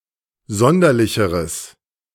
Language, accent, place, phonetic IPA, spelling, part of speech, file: German, Germany, Berlin, [ˈzɔndɐlɪçəʁəs], sonderlicheres, adjective, De-sonderlicheres.ogg
- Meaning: strong/mixed nominative/accusative neuter singular comparative degree of sonderlich